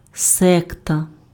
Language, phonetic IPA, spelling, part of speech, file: Ukrainian, [ˈsɛktɐ], секта, noun, Uk-секта.ogg
- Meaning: sect